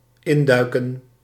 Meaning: 1. to dive in 2. to enter, to pop in
- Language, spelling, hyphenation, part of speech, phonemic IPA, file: Dutch, induiken, in‧dui‧ken, verb, /ˈɪnˌdœy̯.kə(n)/, Nl-induiken.ogg